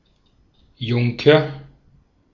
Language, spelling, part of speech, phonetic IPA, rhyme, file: German, Junker, noun, [ˈjʊŋkɐ], -ʊŋkɐ, De-at-Junker.ogg